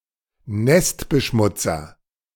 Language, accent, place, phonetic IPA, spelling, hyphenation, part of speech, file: German, Germany, Berlin, [ˈnɛstbəˌʃmʊt͡sɐ], Nestbeschmutzer, Nest‧be‧schmut‧zer, noun, De-Nestbeschmutzer.ogg
- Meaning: person who denigrates their own family or country